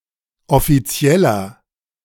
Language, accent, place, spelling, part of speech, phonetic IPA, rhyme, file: German, Germany, Berlin, offizieller, adjective, [ɔfiˈt͡si̯ɛlɐ], -ɛlɐ, De-offizieller.ogg
- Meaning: 1. comparative degree of offiziell 2. inflection of offiziell: strong/mixed nominative masculine singular 3. inflection of offiziell: strong genitive/dative feminine singular